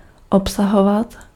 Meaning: to contain, to comprise
- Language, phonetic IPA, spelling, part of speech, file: Czech, [ˈopsaɦovat], obsahovat, verb, Cs-obsahovat.ogg